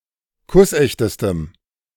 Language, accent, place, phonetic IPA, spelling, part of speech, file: German, Germany, Berlin, [ˈkʊsˌʔɛçtəstəm], kussechtestem, adjective, De-kussechtestem.ogg
- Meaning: strong dative masculine/neuter singular superlative degree of kussecht